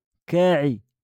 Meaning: sad
- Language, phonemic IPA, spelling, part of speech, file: Moroccan Arabic, /kaː.ʕi/, كاعي, adjective, LL-Q56426 (ary)-كاعي.wav